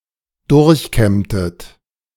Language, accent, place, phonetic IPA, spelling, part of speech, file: German, Germany, Berlin, [ˈdʊʁçˌkɛmtət], durchkämmtet, verb, De-durchkämmtet.ogg
- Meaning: inflection of durchkämmen: 1. second-person plural preterite 2. second-person plural subjunctive II